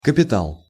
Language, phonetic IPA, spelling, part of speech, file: Russian, [kəpʲɪˈtaɫ], капитал, noun, Ru-капитал.ogg
- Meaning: capital, asset (money, wealth, etc.)